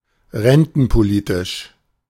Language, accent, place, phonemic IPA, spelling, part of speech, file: German, Germany, Berlin, /ˈʁɛntn̩poˌliːtɪʃ/, rentenpolitisch, adjective, De-rentenpolitisch.ogg
- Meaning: pension policy